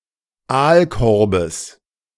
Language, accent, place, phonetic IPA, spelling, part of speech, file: German, Germany, Berlin, [ˈaːlˌkɔʁbəs], Aalkorbes, noun, De-Aalkorbes.ogg
- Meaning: genitive singular of Aalkorb